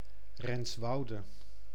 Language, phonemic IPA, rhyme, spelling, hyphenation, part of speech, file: Dutch, /rɛnsˈʋɑu̯.də/, -ɑu̯də, Renswoude, Rens‧wou‧de, proper noun, Nl-Renswoude.ogg
- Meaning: a village and municipality of Utrecht, Netherlands